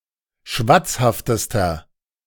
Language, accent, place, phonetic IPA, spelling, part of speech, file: German, Germany, Berlin, [ˈʃvat͡sˌhaftəstɐ], schwatzhaftester, adjective, De-schwatzhaftester.ogg
- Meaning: inflection of schwatzhaft: 1. strong/mixed nominative masculine singular superlative degree 2. strong genitive/dative feminine singular superlative degree 3. strong genitive plural superlative degree